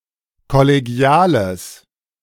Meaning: strong/mixed nominative/accusative neuter singular of kollegial
- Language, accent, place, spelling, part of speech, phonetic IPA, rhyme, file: German, Germany, Berlin, kollegiales, adjective, [kɔleˈɡi̯aːləs], -aːləs, De-kollegiales.ogg